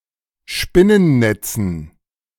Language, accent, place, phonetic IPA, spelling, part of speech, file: German, Germany, Berlin, [ˈʃpɪnənˌnɛt͡sn̩], Spinnennetzen, noun, De-Spinnennetzen.ogg
- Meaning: dative plural of Spinnennetz